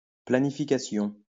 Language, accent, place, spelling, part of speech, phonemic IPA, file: French, France, Lyon, planification, noun, /pla.ni.fi.ka.sjɔ̃/, LL-Q150 (fra)-planification.wav
- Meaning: planning (act of making a plan)